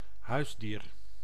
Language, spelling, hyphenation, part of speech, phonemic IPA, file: Dutch, huisdier, huis‧dier, noun, /ˈɦœy̯s.diːr/, Nl-huisdier.ogg
- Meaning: 1. domestic animal 2. pet